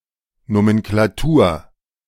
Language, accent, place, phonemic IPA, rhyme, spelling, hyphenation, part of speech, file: German, Germany, Berlin, /ˌnomɛnklaˈtuːɐ̯/, -uːɐ̯, Nomenklatur, No‧men‧kla‧tur, noun, De-Nomenklatur.ogg
- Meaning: nomenclature